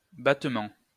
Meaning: 1. beating; hitting 2. battement
- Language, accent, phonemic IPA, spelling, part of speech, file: French, France, /bat.mɑ̃/, battement, noun, LL-Q150 (fra)-battement.wav